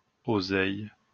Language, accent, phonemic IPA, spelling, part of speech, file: French, France, /o.zɛj/, oseille, noun, LL-Q150 (fra)-oseille.wav
- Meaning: 1. sorrel 2. dough, dosh, bread (money)